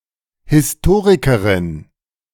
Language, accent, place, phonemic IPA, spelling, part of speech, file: German, Germany, Berlin, /hɪsˈtoːʁikɐʁɪn/, Historikerin, noun, De-Historikerin.ogg
- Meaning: female historian (female writer of history; a female chronicler)